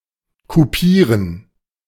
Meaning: to dock (remove part of an animal's tail or ears)
- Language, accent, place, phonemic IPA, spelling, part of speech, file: German, Germany, Berlin, /kuˈpiːʁən/, kupieren, verb, De-kupieren.ogg